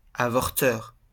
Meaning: abortionist
- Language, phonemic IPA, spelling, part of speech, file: French, /a.vɔʁ.tœʁ/, avorteur, noun, LL-Q150 (fra)-avorteur.wav